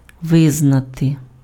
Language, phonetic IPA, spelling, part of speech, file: Ukrainian, [ˈʋɪznɐte], визнати, verb, Uk-визнати.ogg
- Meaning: to acknowledge, to recognize, to accept (admit as fact or truth)